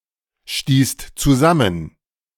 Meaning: second-person singular/plural preterite of zusammenstoßen
- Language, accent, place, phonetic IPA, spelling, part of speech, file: German, Germany, Berlin, [ˌʃtiːst t͡suˈzamən], stießt zusammen, verb, De-stießt zusammen.ogg